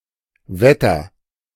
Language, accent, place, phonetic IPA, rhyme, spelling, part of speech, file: German, Germany, Berlin, [ˈvɛtɐ], -ɛtɐ, wetter, verb, De-wetter.ogg
- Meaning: inflection of wett: 1. strong/mixed nominative masculine singular 2. strong genitive/dative feminine singular 3. strong genitive plural